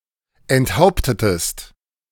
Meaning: inflection of enthaupten: 1. second-person singular preterite 2. second-person singular subjunctive II
- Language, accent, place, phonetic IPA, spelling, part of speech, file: German, Germany, Berlin, [ɛntˈhaʊ̯ptətəst], enthauptetest, verb, De-enthauptetest.ogg